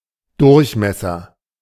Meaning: diameter
- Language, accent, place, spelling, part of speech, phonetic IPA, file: German, Germany, Berlin, Durchmesser, noun, [ˈdʊʁçˌmɛsɐ], De-Durchmesser.ogg